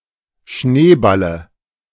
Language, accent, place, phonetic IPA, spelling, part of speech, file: German, Germany, Berlin, [ˈʃneːˌbalə], Schneeballe, noun, De-Schneeballe.ogg
- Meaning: dative of Schneeball